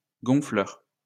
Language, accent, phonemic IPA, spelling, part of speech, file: French, France, /ɡɔ̃.flœʁ/, gonfleur, noun, LL-Q150 (fra)-gonfleur.wav
- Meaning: air pump